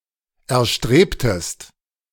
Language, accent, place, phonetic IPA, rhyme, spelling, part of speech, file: German, Germany, Berlin, [ɛɐ̯ˈʃtʁeːptəst], -eːptəst, erstrebtest, verb, De-erstrebtest.ogg
- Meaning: inflection of erstreben: 1. second-person singular preterite 2. second-person singular subjunctive II